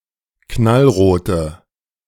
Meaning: inflection of knallrot: 1. strong/mixed nominative/accusative feminine singular 2. strong nominative/accusative plural 3. weak nominative all-gender singular
- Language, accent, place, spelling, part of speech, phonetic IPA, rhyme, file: German, Germany, Berlin, knallrote, adjective, [ˌknalˈʁoːtə], -oːtə, De-knallrote.ogg